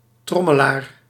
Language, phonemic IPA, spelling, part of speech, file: Dutch, /ˈtrɔməˌlar/, trommelaar, noun, Nl-trommelaar.ogg
- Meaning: 1. drummer, percussionist 2. someone who drums (nervously) with his fingers